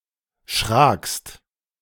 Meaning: second-person singular preterite of schrecken
- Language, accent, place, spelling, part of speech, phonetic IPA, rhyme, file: German, Germany, Berlin, schrakst, verb, [ʃʁaːkst], -aːkst, De-schrakst.ogg